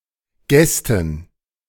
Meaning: dative plural of Gast
- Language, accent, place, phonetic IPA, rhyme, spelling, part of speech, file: German, Germany, Berlin, [ˈɡɛstn̩], -ɛstn̩, Gästen, noun, De-Gästen.ogg